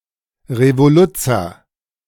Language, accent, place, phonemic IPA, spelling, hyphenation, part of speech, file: German, Germany, Berlin, /ʁevoˈlʊt͡sɐ/, Revoluzzer, Re‧vo‧luz‧zer, noun, De-Revoluzzer.ogg
- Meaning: would-be revolutionary